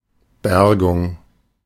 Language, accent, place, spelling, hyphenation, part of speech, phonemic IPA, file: German, Germany, Berlin, Bergung, Ber‧gung, noun, /ˈbɛʁɡʊŋ/, De-Bergung.ogg
- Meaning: 1. recovering 2. salvaging